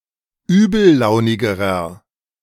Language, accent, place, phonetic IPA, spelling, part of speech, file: German, Germany, Berlin, [ˈyːbl̩ˌlaʊ̯nɪɡəʁɐ], übellaunigerer, adjective, De-übellaunigerer.ogg
- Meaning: inflection of übellaunig: 1. strong/mixed nominative masculine singular comparative degree 2. strong genitive/dative feminine singular comparative degree 3. strong genitive plural comparative degree